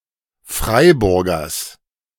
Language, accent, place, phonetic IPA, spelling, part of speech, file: German, Germany, Berlin, [ˈfʁaɪ̯bʊʁɡɐs], Freiburgers, noun, De-Freiburgers.ogg
- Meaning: genitive singular of Freiburger